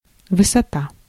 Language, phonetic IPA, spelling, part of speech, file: Russian, [vɨsɐˈta], высота, noun, Ru-высота.ogg
- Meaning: 1. height (distance from bottom to top) 2. altitude, elevation 3. height (an area of high altitude) 4. hill, peak